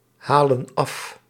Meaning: inflection of afhalen: 1. plural present indicative 2. plural present subjunctive
- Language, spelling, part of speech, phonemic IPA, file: Dutch, halen af, verb, /ˈhalə(n) ˈɑf/, Nl-halen af.ogg